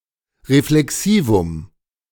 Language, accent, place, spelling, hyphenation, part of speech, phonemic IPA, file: German, Germany, Berlin, Reflexivum, Re‧fle‧xi‧vum, noun, /ʁeflɛˈksiːvʊm/, De-Reflexivum.ogg
- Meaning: reflexive pronoun